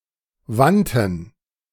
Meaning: first/third-person plural preterite of wenden
- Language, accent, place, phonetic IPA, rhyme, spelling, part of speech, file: German, Germany, Berlin, [ˈvantn̩], -antn̩, wandten, verb, De-wandten.ogg